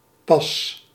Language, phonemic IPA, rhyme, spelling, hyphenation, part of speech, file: Dutch, /pɑs/, -ɑs, pas, pas, adverb / adjective / noun / verb, Nl-pas.ogg
- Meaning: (adverb) 1. just, recently 2. hardly 3. only, not until, not any sooner 4. now … really; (adjective) fitting, having a proper fit, having the correct size and shape